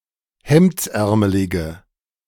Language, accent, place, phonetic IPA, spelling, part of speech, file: German, Germany, Berlin, [ˈhɛmt͡sˌʔɛʁməlɪɡə], hemdsärmelige, adjective, De-hemdsärmelige.ogg
- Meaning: inflection of hemdsärmelig: 1. strong/mixed nominative/accusative feminine singular 2. strong nominative/accusative plural 3. weak nominative all-gender singular